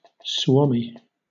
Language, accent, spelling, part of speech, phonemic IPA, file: English, Southern England, Suomi, proper noun / noun, /ˈswɔːmɪ/, LL-Q1860 (eng)-Suomi.wav
- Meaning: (proper noun) 1. Finland (a country in Northern Europe) 2. The Finnish language 3. A surname from Finnish; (noun) The Finns